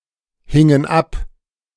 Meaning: inflection of abhängen: 1. first/third-person plural preterite 2. first/third-person plural subjunctive II
- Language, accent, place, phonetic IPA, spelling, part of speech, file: German, Germany, Berlin, [ˌhɪŋən ˈap], hingen ab, verb, De-hingen ab.ogg